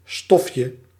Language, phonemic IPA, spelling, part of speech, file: Dutch, /ˈstɔfjə/, stofje, noun, Nl-stofje.ogg
- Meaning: diminutive of stof